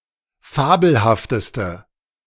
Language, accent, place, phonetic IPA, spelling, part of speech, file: German, Germany, Berlin, [ˈfaːbl̩haftəstə], fabelhafteste, adjective, De-fabelhafteste.ogg
- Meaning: inflection of fabelhaft: 1. strong/mixed nominative/accusative feminine singular superlative degree 2. strong nominative/accusative plural superlative degree